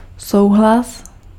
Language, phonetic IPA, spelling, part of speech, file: Czech, [ˈsou̯ɦlas], souhlas, noun / verb, Cs-souhlas.ogg
- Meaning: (noun) agreement, consent; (verb) second-person singular imperative of souhlasit